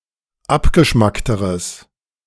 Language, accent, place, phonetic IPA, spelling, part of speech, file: German, Germany, Berlin, [ˈapɡəˌʃmaktəʁəs], abgeschmackteres, adjective, De-abgeschmackteres.ogg
- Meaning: strong/mixed nominative/accusative neuter singular comparative degree of abgeschmackt